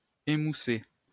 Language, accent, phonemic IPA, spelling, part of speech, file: French, France, /e.mu.se/, émoussé, adjective / verb, LL-Q150 (fra)-émoussé.wav
- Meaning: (adjective) dull; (verb) past participle of émousser (“to dull, to blunt”)